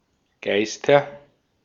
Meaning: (proper noun) a surname; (noun) nominative/accusative/genitive plural of Geist
- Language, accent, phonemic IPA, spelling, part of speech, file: German, Austria, /ˈɡaɪ̯stɐ/, Geister, proper noun / noun, De-at-Geister.ogg